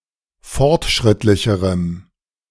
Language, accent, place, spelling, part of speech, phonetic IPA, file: German, Germany, Berlin, fortschrittlicherem, adjective, [ˈfɔʁtˌʃʁɪtlɪçəʁəm], De-fortschrittlicherem.ogg
- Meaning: strong dative masculine/neuter singular comparative degree of fortschrittlich